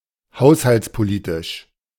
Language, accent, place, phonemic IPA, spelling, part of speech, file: German, Germany, Berlin, /ˈhaʊ̯shalt͡spoˌliːtɪʃ/, haushaltspolitisch, adjective, De-haushaltspolitisch.ogg
- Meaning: 1. fiscal 2. budgetary